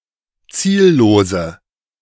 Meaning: inflection of ziellos: 1. strong/mixed nominative/accusative feminine singular 2. strong nominative/accusative plural 3. weak nominative all-gender singular 4. weak accusative feminine/neuter singular
- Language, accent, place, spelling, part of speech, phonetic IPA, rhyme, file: German, Germany, Berlin, ziellose, adjective, [ˈt͡siːlloːzə], -iːlloːzə, De-ziellose.ogg